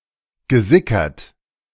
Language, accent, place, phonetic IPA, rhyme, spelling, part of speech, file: German, Germany, Berlin, [ɡəˈzɪkɐt], -ɪkɐt, gesickert, verb, De-gesickert.ogg
- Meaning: past participle of sickern